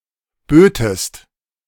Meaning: second-person singular subjunctive II of bieten
- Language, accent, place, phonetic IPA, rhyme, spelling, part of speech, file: German, Germany, Berlin, [ˈbøːtəst], -øːtəst, bötest, verb, De-bötest.ogg